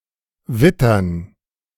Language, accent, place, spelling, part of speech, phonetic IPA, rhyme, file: German, Germany, Berlin, wittern, verb, [ˈvɪtɐn], -ɪtɐn, De-wittern.ogg
- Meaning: 1. to scent (to detect the scent of) 2. to smell something far with a good olfaction